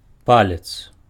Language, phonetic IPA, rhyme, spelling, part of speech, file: Belarusian, [ˈpalʲet͡s], -alʲet͡s, палец, noun, Be-палец.ogg
- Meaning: 1. finger 2. toe